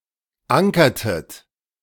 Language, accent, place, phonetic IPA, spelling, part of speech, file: German, Germany, Berlin, [ˈaŋkɐtət], ankertet, verb, De-ankertet.ogg
- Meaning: inflection of ankern: 1. second-person plural preterite 2. second-person plural subjunctive II